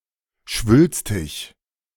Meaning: 1. pompous 2. bombastic, grandiloquent 3. swollen
- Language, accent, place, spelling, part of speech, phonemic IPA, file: German, Germany, Berlin, schwülstig, adjective, /ˈʃvʏlstɪç/, De-schwülstig.ogg